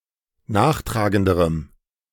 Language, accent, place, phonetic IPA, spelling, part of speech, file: German, Germany, Berlin, [ˈnaːxˌtʁaːɡəndəʁəm], nachtragenderem, adjective, De-nachtragenderem.ogg
- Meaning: strong dative masculine/neuter singular comparative degree of nachtragend